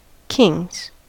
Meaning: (noun) 1. plural of king 2. A pair of kings (playing cards) 3. A drinking game that uses playing cards; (verb) third-person singular simple present indicative of king
- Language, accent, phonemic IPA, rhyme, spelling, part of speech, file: English, US, /kɪŋz/, -ɪŋz, kings, noun / verb, En-us-kings.ogg